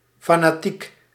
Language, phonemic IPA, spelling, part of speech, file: Dutch, /ˌfanaˈtik/, fanatiek, adjective, Nl-fanatiek.ogg
- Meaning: fanatic